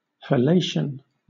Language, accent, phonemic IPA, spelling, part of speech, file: English, Southern England, /həˈleɪʃən/, halation, noun, LL-Q1860 (eng)-halation.wav
- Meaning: 1. The action of light surrounding some object as if making a halo 2. The blurring of light around a bright area of a photographic image, or on a television screen